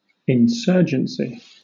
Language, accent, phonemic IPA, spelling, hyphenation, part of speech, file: English, Southern England, /ɪnˈsɜːd͡ʒənsi/, insurgency, in‧sur‧gen‧cy, noun, LL-Q1860 (eng)-insurgency.wav
- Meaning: rebellion; revolt; the state of being insurgent